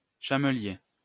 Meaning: 1. camel rider (or soldier mounted on a camel) 2. camel driver
- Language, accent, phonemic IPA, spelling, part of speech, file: French, France, /ʃa.mə.lje/, chamelier, noun, LL-Q150 (fra)-chamelier.wav